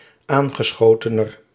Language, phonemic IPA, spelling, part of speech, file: Dutch, /ˈaŋɣəˌsxotənər/, aangeschotener, adjective, Nl-aangeschotener.ogg
- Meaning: comparative degree of aangeschoten